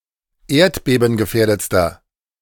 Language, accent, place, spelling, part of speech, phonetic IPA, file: German, Germany, Berlin, erdbebengefährdetster, adjective, [ˈeːɐ̯tbeːbn̩ɡəˌfɛːɐ̯dət͡stɐ], De-erdbebengefährdetster.ogg
- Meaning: inflection of erdbebengefährdet: 1. strong/mixed nominative masculine singular superlative degree 2. strong genitive/dative feminine singular superlative degree